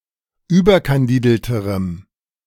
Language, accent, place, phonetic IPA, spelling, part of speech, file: German, Germany, Berlin, [ˈyːbɐkanˌdiːdl̩təʁəm], überkandidelterem, adjective, De-überkandidelterem.ogg
- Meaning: strong dative masculine/neuter singular comparative degree of überkandidelt